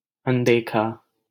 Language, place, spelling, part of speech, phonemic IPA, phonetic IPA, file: Hindi, Delhi, अनदेखा, adjective, /ən.d̪eː.kʰɑː/, [ɐ̃n̪.d̪eː.kʰäː], LL-Q1568 (hin)-अनदेखा.wav
- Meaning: unseen, invisible